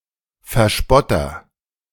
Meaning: 1. agent noun of verspotten; mocker 2. agent noun of verspotten; mocker: One who makes fun of someone or something
- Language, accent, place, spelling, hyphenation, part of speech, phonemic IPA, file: German, Germany, Berlin, Verspotter, Ver‧spot‧ter, noun, /fɛʁˈʃpɔtɐ/, De-Verspotter.ogg